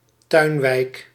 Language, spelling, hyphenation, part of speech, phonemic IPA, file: Dutch, tuinwijk, tuin‧wijk, noun, /ˈtœy̯n.ʋɛi̯k/, Nl-tuinwijk.ogg
- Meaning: a mostly low-rise suburb with many characteristics of a village, loosely based on the garden city model